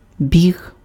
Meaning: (noun) 1. run 2. running (as in athletics or track and field); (verb) masculine singular past indicative of бі́гти impf (bíhty); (noun) alternative form of бог (boh)
- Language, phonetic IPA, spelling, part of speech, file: Ukrainian, [bʲiɦ], біг, noun / verb, Uk-біг.ogg